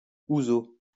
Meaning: ouzo
- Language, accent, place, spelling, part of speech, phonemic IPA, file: French, France, Lyon, ouzo, noun, /u.zo/, LL-Q150 (fra)-ouzo.wav